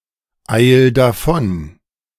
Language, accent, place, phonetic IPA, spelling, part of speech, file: German, Germany, Berlin, [ˌaɪ̯l daˈfɔn], eil davon, verb, De-eil davon.ogg
- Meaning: 1. singular imperative of davoneilen 2. first-person singular present of davoneilen